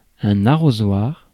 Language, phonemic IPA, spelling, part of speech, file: French, /a.ʁo.zwaʁ/, arrosoir, noun, Fr-arrosoir.ogg
- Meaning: watering can